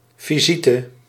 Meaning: 1. visit 2. visitors, guests
- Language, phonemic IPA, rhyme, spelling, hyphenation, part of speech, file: Dutch, /ˌviˈzitə/, -itə, visite, vi‧si‧te, noun, Nl-visite.ogg